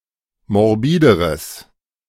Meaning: strong/mixed nominative/accusative neuter singular comparative degree of morbid
- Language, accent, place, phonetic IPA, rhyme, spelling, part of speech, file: German, Germany, Berlin, [mɔʁˈbiːdəʁəs], -iːdəʁəs, morbideres, adjective, De-morbideres.ogg